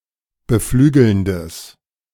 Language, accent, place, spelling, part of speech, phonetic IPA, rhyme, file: German, Germany, Berlin, beflügelndes, adjective, [bəˈflyːɡl̩ndəs], -yːɡl̩ndəs, De-beflügelndes.ogg
- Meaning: strong/mixed nominative/accusative neuter singular of beflügelnd